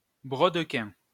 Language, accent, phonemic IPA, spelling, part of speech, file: French, France, /bʁɔd.kɛ̃/, brodequin, noun, LL-Q150 (fra)-brodequin.wav
- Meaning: 1. buskin, half-boot 2. buskin 3. work boot